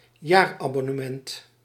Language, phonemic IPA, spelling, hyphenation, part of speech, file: Dutch, /ˈjaːr.ɑ.bɔ.nəˌmɛnt/, jaarabonnement, jaar‧abon‧ne‧ment, noun, Nl-jaarabonnement.ogg
- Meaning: subscription for a year